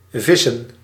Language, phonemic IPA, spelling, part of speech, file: Dutch, /ˈvɪsə(n)/, Vissen, proper noun / noun, Nl-Vissen.ogg
- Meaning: Pisces